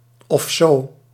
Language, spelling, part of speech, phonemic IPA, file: Dutch, of zo, adverb, /ɔfˈzo/, Nl-of zo.ogg
- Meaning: or something, or so; indicates indifference to the exact details